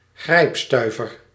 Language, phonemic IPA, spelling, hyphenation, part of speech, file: Dutch, /ˈɣrɛi̯pˌstœy̯.vər/, grijpstuiver, grijp‧stui‧ver, noun, Nl-grijpstuiver.ogg
- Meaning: a very small amount of money, a shoestring